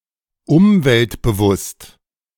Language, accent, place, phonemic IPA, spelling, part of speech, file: German, Germany, Berlin, /ˈʊmvɛltbəˌvʊst/, umweltbewusst, adjective, De-umweltbewusst.ogg
- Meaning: environmentally-friendly